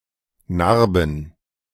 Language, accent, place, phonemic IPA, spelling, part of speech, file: German, Germany, Berlin, /ˈnarbən/, Narben, noun, De-Narben.ogg
- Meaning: plural of Narbe